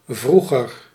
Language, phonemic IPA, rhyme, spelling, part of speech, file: Dutch, /ˈvru.ɣər/, -uɣər, vroeger, adjective / adverb, Nl-vroeger.ogg
- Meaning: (adjective) 1. comparative degree of vroeg 2. having to do with or occurring in the past; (adverb) 1. earlier 2. formerly, previously 3. in the past